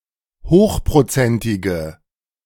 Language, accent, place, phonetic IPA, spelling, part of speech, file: German, Germany, Berlin, [ˈhoːxpʁoˌt͡sɛntɪɡə], hochprozentige, adjective, De-hochprozentige.ogg
- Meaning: inflection of hochprozentig: 1. strong/mixed nominative/accusative feminine singular 2. strong nominative/accusative plural 3. weak nominative all-gender singular